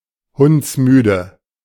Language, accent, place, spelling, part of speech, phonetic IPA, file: German, Germany, Berlin, hundsmüde, adjective, [ˈhʊnt͡sˌmyːdə], De-hundsmüde.ogg
- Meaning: alternative form of hundemüde